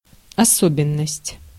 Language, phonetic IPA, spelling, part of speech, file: Russian, [ɐˈsobʲɪn(ː)əsʲtʲ], особенность, noun, Ru-особенность.ogg
- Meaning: peculiarity, feature, characteristic (important or main item)